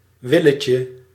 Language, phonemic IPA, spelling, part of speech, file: Dutch, /ˈwɪləcə/, willetje, noun, Nl-willetje.ogg
- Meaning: diminutive of wil